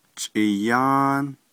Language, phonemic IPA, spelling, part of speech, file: Navajo, /t͡ʃʼɪ̀jɑ́ːn/, chʼiyáán, noun, Nv-chʼiyáán.ogg
- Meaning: food, groceries, provisions (of food)